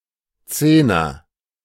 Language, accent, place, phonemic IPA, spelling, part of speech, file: German, Germany, Berlin, /ˈt͡seːnɐ/, Zehner, noun, De-Zehner.ogg
- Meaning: 1. ten (the number, or something having a value of ten) 2. tenner